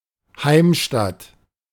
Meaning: homeland
- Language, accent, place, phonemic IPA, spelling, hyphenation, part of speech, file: German, Germany, Berlin, /ˈhaɪ̯mˌʃtat/, Heimstatt, Heim‧statt, noun, De-Heimstatt.ogg